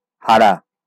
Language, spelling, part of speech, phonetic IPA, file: Bengali, হারা, verb, [ˈha.ra], LL-Q9610 (ben)-হারা.wav
- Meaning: to lose (a game, competition, trial, etc.), to be defeated